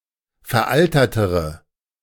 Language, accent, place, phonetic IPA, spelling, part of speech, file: German, Germany, Berlin, [fɛɐ̯ˈʔaltɐtəʁə], veraltertere, adjective, De-veraltertere.ogg
- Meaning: inflection of veraltert: 1. strong/mixed nominative/accusative feminine singular comparative degree 2. strong nominative/accusative plural comparative degree